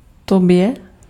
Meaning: dative/locative singular of ty
- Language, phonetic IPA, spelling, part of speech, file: Czech, [ˈtobjɛ], tobě, pronoun, Cs-tobě.ogg